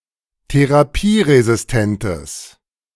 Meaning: strong/mixed nominative/accusative neuter singular of therapieresistent
- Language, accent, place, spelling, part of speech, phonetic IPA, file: German, Germany, Berlin, therapieresistentes, adjective, [teʁaˈpiːʁezɪsˌtɛntəs], De-therapieresistentes.ogg